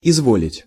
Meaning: 1. to desire, to wish 2. to kindly, to please be good enough 3. to if you wish, to all right, to with pleasure
- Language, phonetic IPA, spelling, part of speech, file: Russian, [ɪzˈvolʲɪtʲ], изволить, verb, Ru-изволить.ogg